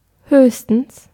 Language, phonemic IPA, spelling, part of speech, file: German, /ˈhøːçstəns/, höchstens, adverb, De-höchstens.ogg
- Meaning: at most